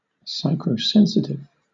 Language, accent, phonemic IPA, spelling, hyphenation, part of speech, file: English, Southern England, /ˌsaɪkɹə(ʊ)ˈsɛnsɪtɪv/, psychrosensitive, psy‧chro‧sen‧sit‧ive, adjective, LL-Q1860 (eng)-psychrosensitive.wav
- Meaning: Sensitive to the cold